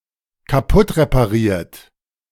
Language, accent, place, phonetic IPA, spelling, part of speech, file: German, Germany, Berlin, [kaˈpʊtʁepaˌʁiːɐ̯t], kaputtrepariert, verb, De-kaputtrepariert.ogg
- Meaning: 1. past participle of kaputtreparieren 2. inflection of kaputtreparieren: third-person singular dependent present 3. inflection of kaputtreparieren: second-person plural dependent present